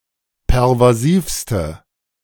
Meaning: inflection of pervasiv: 1. strong/mixed nominative/accusative feminine singular superlative degree 2. strong nominative/accusative plural superlative degree
- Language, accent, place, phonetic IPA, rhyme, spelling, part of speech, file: German, Germany, Berlin, [pɛʁvaˈziːfstə], -iːfstə, pervasivste, adjective, De-pervasivste.ogg